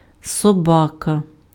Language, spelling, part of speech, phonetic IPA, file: Ukrainian, собака, noun, [sɔˈbakɐ], Uk-собака.ogg
- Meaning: 1. dog (animal) 2. scoundrel, detestable person